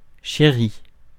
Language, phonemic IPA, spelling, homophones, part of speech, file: French, /ʃe.ʁi/, chéri, chéris / chérie / chéries / chérit / chérît, verb / adjective / noun, Fr-chéri.ogg
- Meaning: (verb) past participle of chérir; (adjective) cherished; beloved; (noun) 1. dear, darling, honey, sweetheart 2. Shar (shari'a)